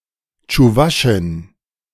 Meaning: Chuvash (woman from Chuvashia)
- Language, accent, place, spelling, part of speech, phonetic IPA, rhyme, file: German, Germany, Berlin, Tschuwaschin, noun, [t͡ʃuˈvaʃɪn], -aʃɪn, De-Tschuwaschin.ogg